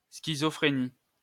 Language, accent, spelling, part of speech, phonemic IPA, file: French, France, schizophrénie, noun, /ski.zɔ.fʁe.ni/, LL-Q150 (fra)-schizophrénie.wav
- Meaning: schizophrenia